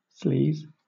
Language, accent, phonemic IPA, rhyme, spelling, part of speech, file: English, Southern England, /sliːz/, -iːz, sleaze, noun / verb, LL-Q1860 (eng)-sleaze.wav
- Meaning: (noun) 1. Low moral standards 2. Political corruption 3. A person of low moral standards 4. A man who is sexually aggressive or forward with women to the point of causing disgust